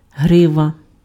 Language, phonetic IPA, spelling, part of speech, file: Ukrainian, [ˈɦrɪʋɐ], грива, noun, Uk-грива.ogg
- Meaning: mane